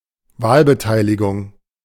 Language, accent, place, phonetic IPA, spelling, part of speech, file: German, Germany, Berlin, [ˈvaːlbəˌtaɪ̯lɪɡʊŋ], Wahlbeteiligung, noun, De-Wahlbeteiligung.ogg
- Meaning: voter turnout